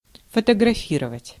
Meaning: to photograph
- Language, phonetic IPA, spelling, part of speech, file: Russian, [fətəɡrɐˈfʲirəvətʲ], фотографировать, verb, Ru-фотографировать.ogg